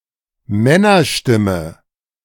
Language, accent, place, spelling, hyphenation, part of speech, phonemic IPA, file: German, Germany, Berlin, Männerstimme, Män‧ner‧stim‧me, noun, /ˈmɛnɐˌʃtɪmə/, De-Männerstimme.ogg
- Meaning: male voice, man's voice